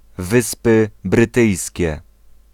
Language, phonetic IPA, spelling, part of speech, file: Polish, [ˈvɨspɨ brɨˈtɨjsʲcɛ], Wyspy Brytyjskie, proper noun, Pl-Wyspy Brytyjskie.ogg